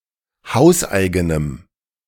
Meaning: strong dative masculine/neuter singular of hauseigen
- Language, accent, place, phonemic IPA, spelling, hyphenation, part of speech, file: German, Germany, Berlin, /ˈhaʊ̯sˌʔaɪ̯ɡənəm/, hauseigenem, haus‧ei‧ge‧nem, adjective, De-hauseigenem.ogg